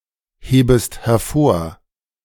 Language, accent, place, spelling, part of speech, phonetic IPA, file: German, Germany, Berlin, hebest hervor, verb, [ˌheːbəst hɛɐ̯ˈfoːɐ̯], De-hebest hervor.ogg
- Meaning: second-person singular subjunctive I of hervorheben